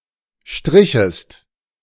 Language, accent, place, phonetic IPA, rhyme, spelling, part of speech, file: German, Germany, Berlin, [ˈʃtʁɪçəst], -ɪçəst, strichest, verb, De-strichest.ogg
- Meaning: second-person singular subjunctive II of streichen